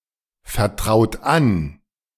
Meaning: inflection of anvertrauen: 1. third-person singular present 2. second-person plural present 3. plural imperative
- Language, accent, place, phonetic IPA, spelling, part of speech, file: German, Germany, Berlin, [fɛɐ̯ˌtʁaʊ̯t ˈan], vertraut an, verb, De-vertraut an.ogg